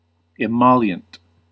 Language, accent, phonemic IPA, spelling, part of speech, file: English, US, /ɪˈmɑl.jənt/, emollient, noun / adjective, En-us-emollient.ogg
- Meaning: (noun) 1. Something which softens or lubricates the skin; moisturizer 2. Anything soothing the mind, or that makes something more acceptable; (adjective) 1. Moisturizing 2. Soothing or mollifying